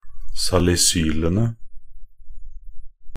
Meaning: definite plural of salisyl
- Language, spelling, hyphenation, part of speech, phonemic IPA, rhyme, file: Norwegian Bokmål, salisylene, sa‧li‧sy‧le‧ne, noun, /salɪˈsyːlənə/, -ənə, Nb-salisylene.ogg